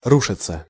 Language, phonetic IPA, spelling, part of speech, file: Russian, [ˈruʂɨt͡sə], рушиться, verb, Ru-рушиться.ogg
- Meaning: 1. to fall in, to collapse 2. to fall to the ground, to collapse 3. passive of ру́шить (rúšitʹ)